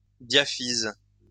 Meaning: diaphysis
- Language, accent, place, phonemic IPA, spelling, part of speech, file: French, France, Lyon, /dja.fiz/, diaphyse, noun, LL-Q150 (fra)-diaphyse.wav